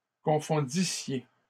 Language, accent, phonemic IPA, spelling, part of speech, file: French, Canada, /kɔ̃.fɔ̃.di.sje/, confondissiez, verb, LL-Q150 (fra)-confondissiez.wav
- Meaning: second-person plural imperfect subjunctive of confondre